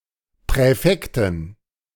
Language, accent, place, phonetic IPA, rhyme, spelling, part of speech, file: German, Germany, Berlin, [pʁɛˈfɛktn̩], -ɛktn̩, Präfekten, noun, De-Präfekten.ogg
- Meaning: 1. genitive singular of Präfekt 2. plural of Präfekt